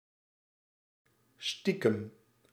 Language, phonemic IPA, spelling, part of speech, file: Dutch, /ˈstikəm/, stiekem, adverb / adjective, Nl-stiekem.ogg
- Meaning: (adverb) secretly, sneakily; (adjective) secretive, sneaky